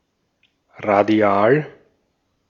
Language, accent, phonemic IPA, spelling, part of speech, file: German, Austria, /ʁaˈdi̯aːl/, radial, adjective / adverb, De-at-radial.ogg
- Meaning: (adjective) radial; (adverb) radially